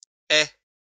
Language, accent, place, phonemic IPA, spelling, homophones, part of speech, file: French, France, Lyon, /ɛ/, aies, ai / aie / aient / ais / ait / es / est / hais / hait, verb, LL-Q150 (fra)-aies.wav
- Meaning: second-person singular present subjunctive of avoir